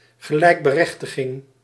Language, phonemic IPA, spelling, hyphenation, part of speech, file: Dutch, /ɣəˈlɛi̯k.bəˌrɛx.tə.ɣɪŋ/, gelijkberechtiging, ge‧lijk‧be‧rech‧ti‧ging, noun, Nl-gelijkberechtiging.ogg
- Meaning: legal equality, legal emancipation